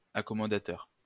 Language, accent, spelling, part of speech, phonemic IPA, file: French, France, accommodateur, adjective, /a.kɔ.mɔ.da.tœʁ/, LL-Q150 (fra)-accommodateur.wav
- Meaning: accommodatory